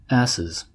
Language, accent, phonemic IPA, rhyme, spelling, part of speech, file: English, US, /ˈæsɪz/, -æsɪz, asses, noun, En-us-asses.ogg
- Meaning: plural of ass